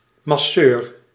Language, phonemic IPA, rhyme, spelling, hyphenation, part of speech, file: Dutch, /mɑˈsøːr/, -øːr, masseur, mas‧seur, noun, Nl-masseur.ogg
- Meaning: masseur